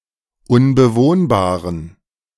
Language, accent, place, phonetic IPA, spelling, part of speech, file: German, Germany, Berlin, [ʊnbəˈvoːnbaːʁən], unbewohnbaren, adjective, De-unbewohnbaren.ogg
- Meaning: inflection of unbewohnbar: 1. strong genitive masculine/neuter singular 2. weak/mixed genitive/dative all-gender singular 3. strong/weak/mixed accusative masculine singular 4. strong dative plural